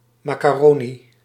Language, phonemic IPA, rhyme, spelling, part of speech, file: Dutch, /ˌmaː.kaːˈroː.ni/, -oːni, macaroni, noun, Nl-macaroni.ogg
- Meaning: macaroni